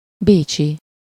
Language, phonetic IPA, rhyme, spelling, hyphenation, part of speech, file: Hungarian, [ˈbeːt͡ʃi], -t͡ʃi, bécsi, bé‧csi, adjective / noun, Hu-bécsi.ogg
- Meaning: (adjective) Viennese (of or relating to Vienna); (noun) Viennese (person)